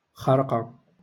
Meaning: 1. rag, tatter, shred 2. diaper
- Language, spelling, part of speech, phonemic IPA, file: Moroccan Arabic, خرقة, noun, /xar.qa/, LL-Q56426 (ary)-خرقة.wav